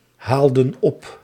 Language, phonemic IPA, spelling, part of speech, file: Dutch, /ˈhaldə(n) ˈɔp/, haalden op, verb, Nl-haalden op.ogg
- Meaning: inflection of ophalen: 1. plural past indicative 2. plural past subjunctive